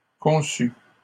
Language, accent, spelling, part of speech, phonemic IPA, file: French, Canada, conçût, verb, /kɔ̃.sy/, LL-Q150 (fra)-conçût.wav
- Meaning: third-person singular imperfect subjunctive of concevoir